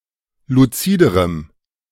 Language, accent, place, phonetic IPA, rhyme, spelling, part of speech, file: German, Germany, Berlin, [luˈt͡siːdəʁəm], -iːdəʁəm, luziderem, adjective, De-luziderem.ogg
- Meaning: strong dative masculine/neuter singular comparative degree of luzid